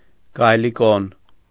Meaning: drill bit
- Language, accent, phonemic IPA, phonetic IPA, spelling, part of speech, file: Armenian, Eastern Armenian, /ɡɑjliˈkon/, [ɡɑjlikón], գայլիկոն, noun, Hy-գայլիկոն.ogg